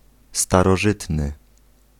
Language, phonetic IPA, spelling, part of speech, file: Polish, [ˌstarɔˈʒɨtnɨ], starożytny, adjective, Pl-starożytny.ogg